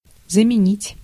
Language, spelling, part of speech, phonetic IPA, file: Russian, заменить, verb, [zəmʲɪˈnʲitʲ], Ru-заменить.ogg
- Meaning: 1. to replace, to substitute 2. to commute